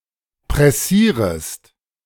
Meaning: second-person singular subjunctive I of pressieren
- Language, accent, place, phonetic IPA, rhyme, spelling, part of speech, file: German, Germany, Berlin, [pʁɛˈsiːʁəst], -iːʁəst, pressierest, verb, De-pressierest.ogg